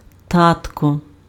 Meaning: 1. diminutive of та́то (táto, “dad”) 2. endearing form of та́то (táto, “dad”)
- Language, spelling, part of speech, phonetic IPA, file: Ukrainian, татко, noun, [ˈtatkɔ], Uk-татко.ogg